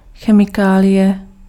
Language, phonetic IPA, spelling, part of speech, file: Czech, [ˈxɛmɪkaːlɪjɛ], chemikálie, noun, Cs-chemikálie.ogg
- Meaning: chemical (any specific element or chemical compound)